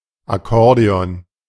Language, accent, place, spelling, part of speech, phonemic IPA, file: German, Germany, Berlin, Akkordeon, noun, /aˈkɔʁdeɔn/, De-Akkordeon2.ogg
- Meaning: accordion